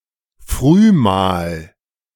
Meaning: breakfast
- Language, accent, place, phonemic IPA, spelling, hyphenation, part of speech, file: German, Germany, Berlin, /ˈfʁyːmaːl/, Frühmahl, Früh‧mahl, noun, De-Frühmahl.ogg